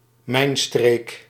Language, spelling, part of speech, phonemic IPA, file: Dutch, mijnstreek, noun, /ˈmɛi̯nstreːk/, Nl-mijnstreek.ogg
- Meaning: region where mining takes place